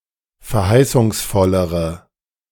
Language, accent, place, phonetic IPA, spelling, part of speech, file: German, Germany, Berlin, [fɛɐ̯ˈhaɪ̯sʊŋsˌfɔləʁə], verheißungsvollere, adjective, De-verheißungsvollere.ogg
- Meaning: inflection of verheißungsvoll: 1. strong/mixed nominative/accusative feminine singular comparative degree 2. strong nominative/accusative plural comparative degree